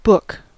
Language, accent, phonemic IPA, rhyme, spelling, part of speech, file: English, US, /bʊk/, -ʊk, book, noun / verb, En-us-book.ogg
- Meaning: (noun) A collection of sheets of paper bound together to hinge at one edge, containing printed or written material, pictures, etc